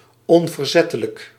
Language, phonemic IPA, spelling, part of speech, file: Dutch, /ɔnvərˈzɛtələk/, onverzettelijk, adjective, Nl-onverzettelijk.ogg
- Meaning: tenacious, intransigent, obdurate